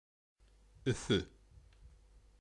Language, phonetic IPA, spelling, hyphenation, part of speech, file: Bashkir, [ʏ̞ˈfʏ̞], Өфө, Ө‧фө, proper noun, Ba-Өфө.ogg
- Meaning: Ufa (the capital and largest city of Bashkortostan, Russia)